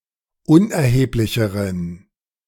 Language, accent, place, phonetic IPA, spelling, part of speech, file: German, Germany, Berlin, [ˈʊnʔɛɐ̯heːplɪçəʁən], unerheblicheren, adjective, De-unerheblicheren.ogg
- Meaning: inflection of unerheblich: 1. strong genitive masculine/neuter singular comparative degree 2. weak/mixed genitive/dative all-gender singular comparative degree